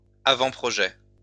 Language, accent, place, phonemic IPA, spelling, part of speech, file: French, France, Lyon, /a.vɑ̃.pʁɔ.ʒɛ/, avant-projet, noun, LL-Q150 (fra)-avant-projet.wav
- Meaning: draft (first stages of a project)